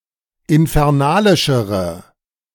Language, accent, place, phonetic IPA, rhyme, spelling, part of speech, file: German, Germany, Berlin, [ɪnfɛʁˈnaːlɪʃəʁə], -aːlɪʃəʁə, infernalischere, adjective, De-infernalischere.ogg
- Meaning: inflection of infernalisch: 1. strong/mixed nominative/accusative feminine singular comparative degree 2. strong nominative/accusative plural comparative degree